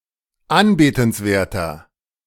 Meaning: 1. comparative degree of anbetenswert 2. inflection of anbetenswert: strong/mixed nominative masculine singular 3. inflection of anbetenswert: strong genitive/dative feminine singular
- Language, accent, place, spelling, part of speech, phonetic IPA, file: German, Germany, Berlin, anbetenswerter, adjective, [ˈanbeːtn̩sˌveːɐ̯tɐ], De-anbetenswerter.ogg